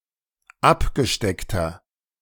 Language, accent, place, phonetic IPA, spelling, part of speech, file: German, Germany, Berlin, [ˈapɡəˌʃtɛktɐ], abgesteckter, adjective, De-abgesteckter.ogg
- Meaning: inflection of abgesteckt: 1. strong/mixed nominative masculine singular 2. strong genitive/dative feminine singular 3. strong genitive plural